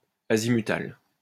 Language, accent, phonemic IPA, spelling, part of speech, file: French, France, /a.zi.my.tal/, azimutal, adjective, LL-Q150 (fra)-azimutal.wav
- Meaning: azimuthal